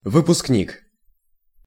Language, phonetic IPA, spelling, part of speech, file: Russian, [vɨpʊskˈnʲik], выпускник, noun, Ru-выпускник.ogg
- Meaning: graduate (from a university) (one who leaves school)